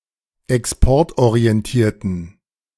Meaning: inflection of exportorientiert: 1. strong genitive masculine/neuter singular 2. weak/mixed genitive/dative all-gender singular 3. strong/weak/mixed accusative masculine singular
- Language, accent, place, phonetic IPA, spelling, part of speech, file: German, Germany, Berlin, [ɛksˈpɔʁtʔoʁiɛnˌtiːɐ̯tn̩], exportorientierten, adjective, De-exportorientierten.ogg